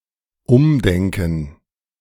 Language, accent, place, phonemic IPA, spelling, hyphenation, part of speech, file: German, Germany, Berlin, /ˈʊmˌdɛŋkn̩/, umdenken, um‧den‧ken, verb, De-umdenken.ogg
- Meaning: to rethink